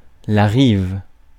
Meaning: 1. bank (of a river) 2. shore
- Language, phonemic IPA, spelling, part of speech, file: French, /ʁiv/, rive, noun, Fr-rive.ogg